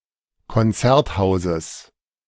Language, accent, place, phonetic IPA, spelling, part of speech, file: German, Germany, Berlin, [kɔnˈt͡sɛʁtˌhaʊ̯zəs], Konzerthauses, noun, De-Konzerthauses.ogg
- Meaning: genitive of Konzerthaus